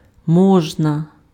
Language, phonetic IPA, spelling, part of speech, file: Ukrainian, [ˈmɔʒnɐ], можна, adjective, Uk-можна.ogg
- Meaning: 1. one can, one may 2. it is possible